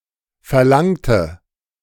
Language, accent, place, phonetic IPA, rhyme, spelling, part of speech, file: German, Germany, Berlin, [fɛɐ̯ˈlaŋtə], -aŋtə, verlangte, adjective / verb, De-verlangte.ogg
- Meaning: inflection of verlangen: 1. first/third-person singular preterite 2. first/third-person singular subjunctive II